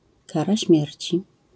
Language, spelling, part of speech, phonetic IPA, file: Polish, kara śmierci, noun, [ˈkara ˈɕmʲjɛrʲt͡ɕi], LL-Q809 (pol)-kara śmierci.wav